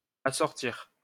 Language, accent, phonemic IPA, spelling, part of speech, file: French, France, /a.sɔʁ.tiʁ/, assortir, verb, LL-Q150 (fra)-assortir.wav
- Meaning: 1. to match, match up 2. to pair up 3. to supply, stock up; to hook (someone) up with 4. to match